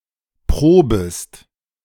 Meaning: second-person singular subjunctive I of proben
- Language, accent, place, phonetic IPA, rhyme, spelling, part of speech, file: German, Germany, Berlin, [ˈpʁoːbəst], -oːbəst, probest, verb, De-probest.ogg